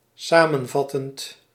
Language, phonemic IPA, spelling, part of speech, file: Dutch, /ˈsamə(n)ˌvɑtənt/, samenvattend, verb / adjective, Nl-samenvattend.ogg
- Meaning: present participle of samenvatten